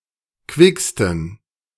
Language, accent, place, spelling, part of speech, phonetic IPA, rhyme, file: German, Germany, Berlin, quicksten, adjective, [ˈkvɪkstn̩], -ɪkstn̩, De-quicksten.ogg
- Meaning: 1. superlative degree of quick 2. inflection of quick: strong genitive masculine/neuter singular superlative degree